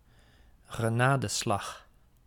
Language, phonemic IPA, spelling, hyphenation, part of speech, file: Dutch, /ɣəˈnaːdəˌslɑx/, genadeslag, ge‧na‧de‧slag, noun, Nl-genadeslag.ogg
- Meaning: coup de grâce (final blow)